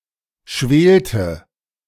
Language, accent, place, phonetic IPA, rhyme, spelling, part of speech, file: German, Germany, Berlin, [ˈʃveːltə], -eːltə, schwelte, verb, De-schwelte.ogg
- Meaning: inflection of schwelen: 1. first/third-person singular preterite 2. first/third-person singular subjunctive II